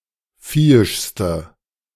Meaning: inflection of viehisch: 1. strong/mixed nominative/accusative feminine singular superlative degree 2. strong nominative/accusative plural superlative degree
- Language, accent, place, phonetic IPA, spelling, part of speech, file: German, Germany, Berlin, [ˈfiːɪʃstə], viehischste, adjective, De-viehischste.ogg